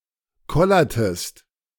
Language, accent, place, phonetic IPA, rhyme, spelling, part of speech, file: German, Germany, Berlin, [ˈkɔlɐtəst], -ɔlɐtəst, kollertest, verb, De-kollertest.ogg
- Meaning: inflection of kollern: 1. second-person singular preterite 2. second-person singular subjunctive II